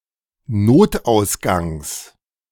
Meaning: genitive singular of Notausgang
- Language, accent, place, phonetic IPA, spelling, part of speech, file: German, Germany, Berlin, [ˈnoːtʔaʊ̯sˌɡaŋs], Notausgangs, noun, De-Notausgangs.ogg